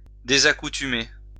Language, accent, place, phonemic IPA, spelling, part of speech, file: French, France, Lyon, /de.za.ku.ty.me/, désaccoutumer, verb, LL-Q150 (fra)-désaccoutumer.wav
- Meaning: to become unaccustomed to